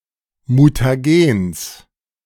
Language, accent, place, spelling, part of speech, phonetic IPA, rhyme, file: German, Germany, Berlin, Mutagens, noun, [mutaˈɡeːns], -eːns, De-Mutagens.ogg
- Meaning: genitive singular of Mutagen